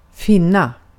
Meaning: 1. to find, to locate, to discover 2. to find (something to be a particular way) 3. to exist 4. to find oneself (in a particular situation) 5. to put up with
- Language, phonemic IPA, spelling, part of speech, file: Swedish, /ˈfɪnːa/, finna, verb, Sv-finna.ogg